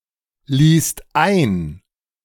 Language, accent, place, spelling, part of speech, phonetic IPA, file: German, Germany, Berlin, ließt ein, verb, [ˌliːst ˈaɪ̯n], De-ließt ein.ogg
- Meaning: second-person singular/plural preterite of einlassen